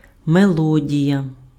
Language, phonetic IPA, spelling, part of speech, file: Ukrainian, [meˈɫɔdʲijɐ], мелодія, noun, Uk-мелодія.ogg
- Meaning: melody